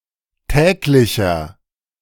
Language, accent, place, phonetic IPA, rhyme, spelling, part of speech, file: German, Germany, Berlin, [ˈtɛːklɪçɐ], -ɛːklɪçɐ, täglicher, adjective, De-täglicher.ogg
- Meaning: inflection of täglich: 1. strong/mixed nominative masculine singular 2. strong genitive/dative feminine singular 3. strong genitive plural